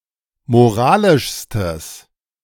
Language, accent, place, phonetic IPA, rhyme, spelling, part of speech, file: German, Germany, Berlin, [moˈʁaːlɪʃstəs], -aːlɪʃstəs, moralischstes, adjective, De-moralischstes.ogg
- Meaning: strong/mixed nominative/accusative neuter singular superlative degree of moralisch